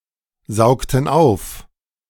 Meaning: inflection of aufsaugen: 1. first/third-person plural preterite 2. first/third-person plural subjunctive II
- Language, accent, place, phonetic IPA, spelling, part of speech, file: German, Germany, Berlin, [ˌzaʊ̯ktn̩ ˈaʊ̯f], saugten auf, verb, De-saugten auf.ogg